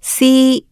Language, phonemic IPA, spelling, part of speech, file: Cantonese, /siː˥/, si1, romanization, Yue-si1.ogg
- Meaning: 1. Jyutping transcription of 師 /师 2. Jyutping transcription of 思 3. Jyutping transcription of 斯 4. Jyutping transcription of 司 5. Jyutping transcription of 施 6. Jyutping transcription of 詩 /诗